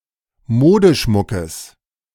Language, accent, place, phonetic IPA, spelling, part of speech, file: German, Germany, Berlin, [ˈmoːdəˌʃmʊkəs], Modeschmuckes, noun, De-Modeschmuckes.ogg
- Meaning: genitive singular of Modeschmuck